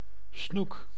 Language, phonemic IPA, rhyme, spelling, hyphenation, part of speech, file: Dutch, /snuk/, -uk, snoek, snoek, noun, Nl-snoek.ogg
- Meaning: 1. pike (any fish of the genus Esox) 2. pike, Northern pike, Esox lucius